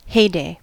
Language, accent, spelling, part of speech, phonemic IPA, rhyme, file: English, US, heyday, noun / interjection, /ˈheɪdeɪ/, -eɪdeɪ, En-us-heyday.ogg
- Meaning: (noun) 1. A period of success, popularity, or power; prime 2. An exultation of the spirits; gaiety; frolic; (interjection) A lively greeting